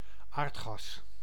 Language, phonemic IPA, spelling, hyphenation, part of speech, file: Dutch, /ˈaːrt.xɑs/, aardgas, aard‧gas, noun, Nl-aardgas.ogg
- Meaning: natural gas (mixture of gaseous carbon compounds associated with petroleum deposits)